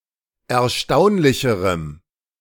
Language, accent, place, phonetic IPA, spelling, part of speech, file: German, Germany, Berlin, [ɛɐ̯ˈʃtaʊ̯nlɪçəʁəm], erstaunlicherem, adjective, De-erstaunlicherem.ogg
- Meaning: strong dative masculine/neuter singular comparative degree of erstaunlich